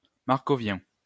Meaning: Markovian
- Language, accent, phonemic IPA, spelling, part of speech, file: French, France, /maʁ.kɔ.vjɛ̃/, markovien, adjective, LL-Q150 (fra)-markovien.wav